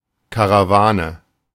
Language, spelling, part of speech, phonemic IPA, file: German, Karawane, noun, /kaʁaˈvaːnə/, De-Karawane.oga
- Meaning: caravan (convoy of travellers, especially on camels)